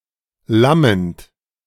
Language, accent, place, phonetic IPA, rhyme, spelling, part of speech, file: German, Germany, Berlin, [ˈlamənt], -amənt, lammend, verb, De-lammend.ogg
- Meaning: present participle of lammen